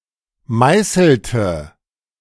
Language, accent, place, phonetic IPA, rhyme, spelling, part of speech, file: German, Germany, Berlin, [ˈmaɪ̯sl̩tə], -aɪ̯sl̩tə, meißelte, verb, De-meißelte.ogg
- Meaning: inflection of meißeln: 1. first/third-person singular preterite 2. first/third-person singular subjunctive II